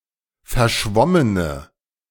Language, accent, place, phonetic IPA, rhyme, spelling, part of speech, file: German, Germany, Berlin, [fɛɐ̯ˈʃvɔmənə], -ɔmənə, verschwommene, adjective, De-verschwommene.ogg
- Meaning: inflection of verschwommen: 1. strong/mixed nominative/accusative feminine singular 2. strong nominative/accusative plural 3. weak nominative all-gender singular